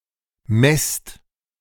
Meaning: inflection of messen: 1. second-person plural present 2. plural imperative
- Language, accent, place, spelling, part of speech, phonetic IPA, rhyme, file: German, Germany, Berlin, messt, verb, [mɛst], -ɛst, De-messt.ogg